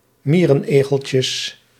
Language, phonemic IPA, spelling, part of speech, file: Dutch, /ˈmirə(n)ˌeɣəlcəs/, mierenegeltjes, noun, Nl-mierenegeltjes.ogg
- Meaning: plural of mierenegeltje